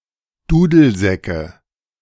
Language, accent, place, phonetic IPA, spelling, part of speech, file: German, Germany, Berlin, [ˈduːdl̩ˌzɛkə], Dudelsäcke, noun, De-Dudelsäcke.ogg
- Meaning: nominative/accusative/genitive plural of Dudelsack